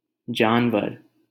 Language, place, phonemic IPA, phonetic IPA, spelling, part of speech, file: Hindi, Delhi, /d͡ʒɑːn.ʋəɾ/, [d͡ʒä̃ːn.wɐɾ], जानवर, noun, LL-Q1568 (hin)-जानवर.wav
- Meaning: 1. animal 2. a savage, uncivilized person 3. fool